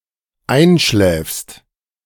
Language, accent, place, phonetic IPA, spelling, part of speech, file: German, Germany, Berlin, [ˈaɪ̯nˌʃlɛːfst], einschläfst, verb, De-einschläfst.ogg
- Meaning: second-person singular dependent present of einschlafen